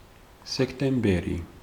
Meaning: September
- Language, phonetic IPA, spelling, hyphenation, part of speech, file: Georgian, [se̞kʰtʼe̞mbe̞ɾi], სექტემბერი, სექ‧ტემ‧ბე‧რი, proper noun, Ka-სექტემბერი.ogg